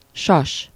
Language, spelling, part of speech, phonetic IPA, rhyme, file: Hungarian, sas, noun, [ˈʃɒʃ], -ɒʃ, Hu-sas.ogg
- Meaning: eagle